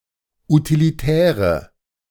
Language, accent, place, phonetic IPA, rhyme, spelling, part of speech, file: German, Germany, Berlin, [utiliˈtɛːʁə], -ɛːʁə, utilitäre, adjective, De-utilitäre.ogg
- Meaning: inflection of utilitär: 1. strong/mixed nominative/accusative feminine singular 2. strong nominative/accusative plural 3. weak nominative all-gender singular